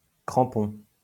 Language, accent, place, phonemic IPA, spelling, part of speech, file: French, France, Lyon, /kʁɑ̃.pɔ̃/, crampons, noun / verb, LL-Q150 (fra)-crampons.wav
- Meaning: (noun) 1. plural of crampon 2. studs (shoes with studs on the bottom to aid grip); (verb) inflection of cramper: 1. first-person plural present indicative 2. first-person plural imperative